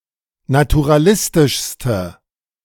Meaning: inflection of naturalistisch: 1. strong/mixed nominative/accusative feminine singular superlative degree 2. strong nominative/accusative plural superlative degree
- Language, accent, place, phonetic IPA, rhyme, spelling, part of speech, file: German, Germany, Berlin, [natuʁaˈlɪstɪʃstə], -ɪstɪʃstə, naturalistischste, adjective, De-naturalistischste.ogg